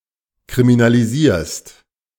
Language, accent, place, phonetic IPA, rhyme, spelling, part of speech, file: German, Germany, Berlin, [kʁiminaliˈziːɐ̯st], -iːɐ̯st, kriminalisierst, verb, De-kriminalisierst.ogg
- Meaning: second-person singular present of kriminalisieren